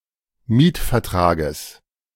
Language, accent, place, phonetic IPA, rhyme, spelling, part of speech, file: German, Germany, Berlin, [ˈmiːtfɛɐ̯ˌtʁaːɡəs], -iːtfɛɐ̯tʁaːɡəs, Mietvertrages, noun, De-Mietvertrages.ogg
- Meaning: genitive singular of Mietvertrag